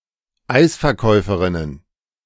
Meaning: plural of Eisverkäuferin
- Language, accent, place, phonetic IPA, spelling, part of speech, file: German, Germany, Berlin, [ˈaɪ̯sfɛɐ̯ˌkɔɪ̯fəʁɪnən], Eisverkäuferinnen, noun, De-Eisverkäuferinnen.ogg